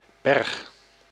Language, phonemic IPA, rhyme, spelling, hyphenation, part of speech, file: Dutch, /bɛrx/, -ɛrx, berg, berg, noun / verb, Nl-berg.ogg
- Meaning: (noun) 1. mountain, hill 2. a large amount, a pile; a stock, reserve; a surplus; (verb) inflection of bergen: 1. first-person singular present indicative 2. second-person singular present indicative